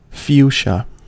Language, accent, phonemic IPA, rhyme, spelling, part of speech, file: English, US, /ˈfjuːʃə/, -uːʃə, fuchsia, noun / adjective, En-us-fuchsia.ogg
- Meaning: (noun) 1. A popular garden plant, of the genus Fuchsia, of the Onagraceae family, shrubs with red, pink or purple flowers 2. A purplish-red colour, the color of fuchsin, an aniline dye